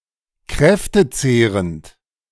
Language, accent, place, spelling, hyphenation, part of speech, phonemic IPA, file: German, Germany, Berlin, kräftezehrend, kräf‧te‧zeh‧rend, adjective, /ˈkʁɛftəˌt͡seːʁənt/, De-kräftezehrend.ogg
- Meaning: debilitating, exhausting